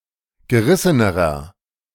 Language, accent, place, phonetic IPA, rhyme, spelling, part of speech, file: German, Germany, Berlin, [ɡəˈʁɪsənəʁɐ], -ɪsənəʁɐ, gerissenerer, adjective, De-gerissenerer.ogg
- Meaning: inflection of gerissen: 1. strong/mixed nominative masculine singular comparative degree 2. strong genitive/dative feminine singular comparative degree 3. strong genitive plural comparative degree